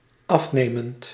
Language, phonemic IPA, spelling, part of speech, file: Dutch, /ˈɑfnemənt/, afnemend, verb / adjective, Nl-afnemend.ogg
- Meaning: present participle of afnemen